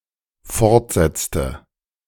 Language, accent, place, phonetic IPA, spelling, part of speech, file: German, Germany, Berlin, [ˈfɔʁtˌzɛt͡stə], fortsetzte, verb, De-fortsetzte.ogg
- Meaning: inflection of fortsetzen: 1. first/third-person singular dependent preterite 2. first/third-person singular dependent subjunctive II